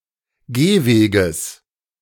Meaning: genitive singular of Gehweg
- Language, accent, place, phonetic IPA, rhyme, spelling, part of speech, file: German, Germany, Berlin, [ˈɡeːˌveːɡəs], -eːveːɡəs, Gehweges, noun, De-Gehweges.ogg